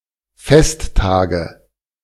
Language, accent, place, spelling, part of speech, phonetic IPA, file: German, Germany, Berlin, Festtage, noun, [ˈfɛstˌtaːɡə], De-Festtage.ogg
- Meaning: nominative/accusative/genitive plural of Festtag